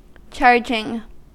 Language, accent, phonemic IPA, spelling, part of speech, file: English, US, /ˈt͡ʃɑɹd͡ʒɪŋ/, charging, verb / noun, En-us-charging.ogg
- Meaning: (verb) present participle and gerund of charge; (noun) 1. An act or process of charging (as of a battery) 2. An offensive foul in which the player with the ball moves into a stationary defender